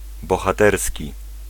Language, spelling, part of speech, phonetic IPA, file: Polish, bohaterski, adjective, [ˌbɔxaˈtɛrsʲci], Pl-bohaterski.ogg